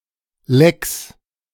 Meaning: 1. genitive singular of Leck 2. plural of Leck
- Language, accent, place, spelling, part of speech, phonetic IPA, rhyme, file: German, Germany, Berlin, Lecks, noun, [lɛks], -ɛks, De-Lecks.ogg